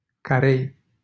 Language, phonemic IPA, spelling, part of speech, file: Romanian, /kaˈrej/, Carei, proper noun, LL-Q7913 (ron)-Carei.wav
- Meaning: a city in Satu Mare County, Romania